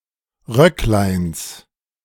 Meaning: genitive singular of Röcklein
- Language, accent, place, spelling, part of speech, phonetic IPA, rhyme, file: German, Germany, Berlin, Röckleins, noun, [ˈʁœklaɪ̯ns], -œklaɪ̯ns, De-Röckleins.ogg